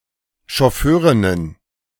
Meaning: feminine plural of Chauffeurin
- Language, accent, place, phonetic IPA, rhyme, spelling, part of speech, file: German, Germany, Berlin, [ʃɔˈføːʁɪnən], -øːʁɪnən, Chauffeurinnen, noun, De-Chauffeurinnen.ogg